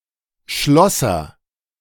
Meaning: 1. locksmith (male or of unspecified gender) 2. fitter, metalworker (male or of unspecified gender)
- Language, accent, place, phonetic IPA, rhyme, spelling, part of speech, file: German, Germany, Berlin, [ˈʃlɔsɐ], -ɔsɐ, Schlosser, noun, De-Schlosser.ogg